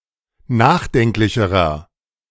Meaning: inflection of nachdenklich: 1. strong/mixed nominative masculine singular comparative degree 2. strong genitive/dative feminine singular comparative degree 3. strong genitive plural comparative degree
- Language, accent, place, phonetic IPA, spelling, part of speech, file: German, Germany, Berlin, [ˈnaːxˌdɛŋklɪçəʁɐ], nachdenklicherer, adjective, De-nachdenklicherer.ogg